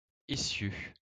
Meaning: axel, axle (of a car)
- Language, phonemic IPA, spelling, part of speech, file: French, /e.sjø/, essieu, noun, LL-Q150 (fra)-essieu.wav